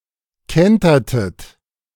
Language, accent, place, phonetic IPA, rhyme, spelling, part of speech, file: German, Germany, Berlin, [ˈkɛntɐtət], -ɛntɐtət, kentertet, verb, De-kentertet.ogg
- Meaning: inflection of kentern: 1. second-person plural preterite 2. second-person plural subjunctive II